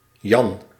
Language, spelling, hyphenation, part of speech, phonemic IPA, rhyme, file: Dutch, Jan, Jan, proper noun, /jɑn/, -ɑn, Nl-Jan.ogg
- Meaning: a male given name, equivalent to English John